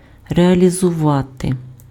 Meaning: 1. to realize, to make real, to implement (make into a reality) 2. to realize (convert into money)
- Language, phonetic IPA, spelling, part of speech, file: Ukrainian, [reɐlʲizʊˈʋate], реалізувати, verb, Uk-реалізувати.ogg